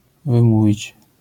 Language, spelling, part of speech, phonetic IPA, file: Polish, wymówić, verb, [vɨ̃ˈmuvʲit͡ɕ], LL-Q809 (pol)-wymówić.wav